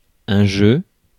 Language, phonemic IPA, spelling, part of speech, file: French, /ʒø/, jeu, noun, Fr-jeu.ogg
- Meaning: 1. game (activity performed for amusement) 2. play (in a theatre/theater) 3. set (of objects that belong together) 4. manner of handling a gun